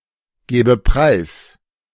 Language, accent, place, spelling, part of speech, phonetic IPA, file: German, Germany, Berlin, gebe preis, verb, [ˌɡeːbə ˈpʁaɪ̯s], De-gebe preis.ogg
- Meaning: inflection of preisgeben: 1. first-person singular present 2. first/third-person singular subjunctive I